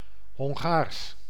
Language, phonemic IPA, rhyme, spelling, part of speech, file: Dutch, /ɦɔŋˈɣaːrs/, -aːrs, Hongaars, adjective / proper noun, Nl-Hongaars.ogg
- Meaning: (adjective) Hungarian; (proper noun) Hungarian (language)